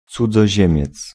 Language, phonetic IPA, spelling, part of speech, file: Polish, [ˌt͡sud͡zɔˈʑɛ̃mʲjɛt͡s], cudzoziemiec, noun, Pl-cudzoziemiec.ogg